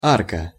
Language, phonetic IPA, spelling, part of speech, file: Russian, [ˈarkə], арка, noun, Ru-арка.ogg
- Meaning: 1. arch, archway, arc 2. Any clam of the genus Arca